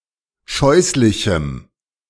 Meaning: strong dative masculine/neuter singular of scheußlich
- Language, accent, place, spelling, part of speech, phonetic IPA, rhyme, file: German, Germany, Berlin, scheußlichem, adjective, [ˈʃɔɪ̯slɪçm̩], -ɔɪ̯slɪçm̩, De-scheußlichem.ogg